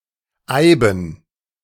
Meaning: yew, yewen
- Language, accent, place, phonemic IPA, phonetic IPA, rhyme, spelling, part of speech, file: German, Germany, Berlin, /aɪ̯bən/, [aɪ̯.bm̩], -aɪ̯bən, eiben, adjective, De-eiben.ogg